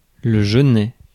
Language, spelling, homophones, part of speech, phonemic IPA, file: French, genêt, genet, noun, /ʒə.nɛ/, Fr-genêt.ogg
- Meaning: broom (shrub), a plant in the genus Genista and related plant genera